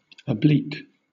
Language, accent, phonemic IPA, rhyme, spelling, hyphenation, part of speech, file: English, Southern England, /əˈbliːk/, -iːk, oblique, ob‧lique, adjective / noun / verb, LL-Q1860 (eng)-oblique.wav
- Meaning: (adjective) 1. Not erect or perpendicular; not parallel to, or at right angles from, the base 2. Not straightforward; indirect; by implication; (sometimes even) obscure, ambiguous, or confusing